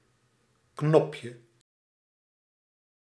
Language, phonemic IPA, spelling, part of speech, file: Dutch, /ˈknɔpjə/, knopje, noun, Nl-knopje.ogg
- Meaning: diminutive of knop